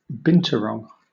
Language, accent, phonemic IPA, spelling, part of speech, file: English, Southern England, /ˈbɪn.t(j)ʊəˌɹɒŋ/, binturong, noun, LL-Q1860 (eng)-binturong.wav
- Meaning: A large species of civet, Arctictis binturong, of southern Asia